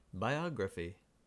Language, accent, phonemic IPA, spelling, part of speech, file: English, US, /baɪˈɑɡɹəfi/, biography, noun / verb, En-us-biography.ogg
- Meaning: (noun) 1. A person's life story, especially one published 2. The art of writing this kind of story; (verb) To write a biography of